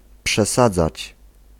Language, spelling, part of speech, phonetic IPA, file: Polish, przesadzać, verb, [pʃɛˈsad͡zat͡ɕ], Pl-przesadzać.ogg